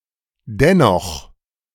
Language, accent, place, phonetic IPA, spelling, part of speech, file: German, Germany, Berlin, [ˈdɛnɔx], dennoch, adverb, De-dennoch.ogg
- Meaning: anyhow, however